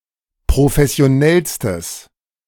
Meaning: strong/mixed nominative/accusative neuter singular superlative degree of professionell
- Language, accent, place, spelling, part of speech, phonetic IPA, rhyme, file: German, Germany, Berlin, professionellstes, adjective, [pʁofɛsi̯oˈnɛlstəs], -ɛlstəs, De-professionellstes.ogg